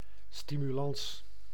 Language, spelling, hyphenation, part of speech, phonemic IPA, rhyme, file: Dutch, stimulans, sti‧mu‧lans, noun, /ˌsti.myˈlɑns/, -ɑns, Nl-stimulans.ogg
- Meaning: stimulus, incentive